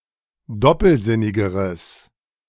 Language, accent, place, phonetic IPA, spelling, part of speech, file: German, Germany, Berlin, [ˈdɔpl̩ˌzɪnɪɡəʁəs], doppelsinnigeres, adjective, De-doppelsinnigeres.ogg
- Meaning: strong/mixed nominative/accusative neuter singular comparative degree of doppelsinnig